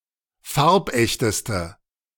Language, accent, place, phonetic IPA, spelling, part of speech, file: German, Germany, Berlin, [ˈfaʁpˌʔɛçtəstə], farbechteste, adjective, De-farbechteste.ogg
- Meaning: inflection of farbecht: 1. strong/mixed nominative/accusative feminine singular superlative degree 2. strong nominative/accusative plural superlative degree